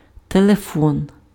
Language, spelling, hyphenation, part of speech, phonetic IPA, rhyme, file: Ukrainian, телефон, те‧ле‧фон, noun, [teɫeˈfɔn], -ɔn, Uk-телефон.ogg
- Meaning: 1. telephone 2. telephone number